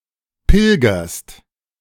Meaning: second-person singular present of pilgern
- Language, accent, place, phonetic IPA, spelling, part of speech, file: German, Germany, Berlin, [ˈpɪlɡɐst], pilgerst, verb, De-pilgerst.ogg